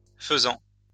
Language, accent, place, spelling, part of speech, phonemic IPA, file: French, France, Lyon, faisans, noun, /fə.zɑ̃/, LL-Q150 (fra)-faisans.wav
- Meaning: plural of faisan